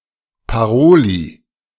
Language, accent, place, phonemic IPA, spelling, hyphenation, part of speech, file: German, Germany, Berlin, /paˈʁoːli/, Paroli, Pa‧ro‧li, noun, De-Paroli.ogg
- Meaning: raise (of stakes)